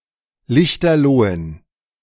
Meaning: inflection of lichterloh: 1. strong genitive masculine/neuter singular 2. weak/mixed genitive/dative all-gender singular 3. strong/weak/mixed accusative masculine singular 4. strong dative plural
- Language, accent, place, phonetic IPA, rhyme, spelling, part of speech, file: German, Germany, Berlin, [ˈlɪçtɐˈloːən], -oːən, lichterlohen, adjective, De-lichterlohen.ogg